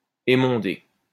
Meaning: 1. to prune (a tree etc.) 2. to proofread 3. to blanch (to peel almonds, tomatoes etc. with heat)
- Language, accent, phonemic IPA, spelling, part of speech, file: French, France, /e.mɔ̃.de/, émonder, verb, LL-Q150 (fra)-émonder.wav